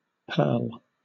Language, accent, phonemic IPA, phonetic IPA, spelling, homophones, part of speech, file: English, Southern England, /pɜːl/, [pʰəːɫ], purl, pearl, noun / verb, LL-Q1860 (eng)-purl.wav
- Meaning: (noun) 1. A particular stitch in knitting in which the working yarn is pulled through an existing stitch from front to back 2. The edge of lace trimmed with loops